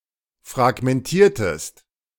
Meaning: inflection of fragmentieren: 1. second-person singular preterite 2. second-person singular subjunctive II
- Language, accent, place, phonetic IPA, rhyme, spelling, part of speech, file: German, Germany, Berlin, [fʁaɡmɛnˈtiːɐ̯təst], -iːɐ̯təst, fragmentiertest, verb, De-fragmentiertest.ogg